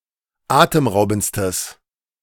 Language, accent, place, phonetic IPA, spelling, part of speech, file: German, Germany, Berlin, [ˈaːtəmˌʁaʊ̯bn̩t͡stəs], atemraubendstes, adjective, De-atemraubendstes.ogg
- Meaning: strong/mixed nominative/accusative neuter singular superlative degree of atemraubend